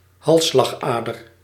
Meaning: a carotid, a carotid artery
- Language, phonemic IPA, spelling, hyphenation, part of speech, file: Dutch, /ˈɦɑl.slɑxˌaː.dər/, halsslagader, hals‧slag‧ader, noun, Nl-halsslagader.ogg